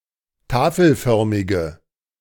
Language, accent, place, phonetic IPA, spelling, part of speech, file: German, Germany, Berlin, [ˈtaːfl̩ˌfœʁmɪɡə], tafelförmige, adjective, De-tafelförmige.ogg
- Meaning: inflection of tafelförmig: 1. strong/mixed nominative/accusative feminine singular 2. strong nominative/accusative plural 3. weak nominative all-gender singular